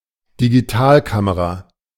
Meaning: digital camera
- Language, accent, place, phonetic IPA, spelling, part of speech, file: German, Germany, Berlin, [diɡiˈtaːlˌkaməʁa], Digitalkamera, noun, De-Digitalkamera.ogg